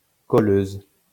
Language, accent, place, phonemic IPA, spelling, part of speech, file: French, France, Lyon, /kɔ.løz/, colleuse, noun, LL-Q150 (fra)-colleuse.wav
- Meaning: 1. female equivalent of colleur 2. film splicer (a device for joining two pieces of film)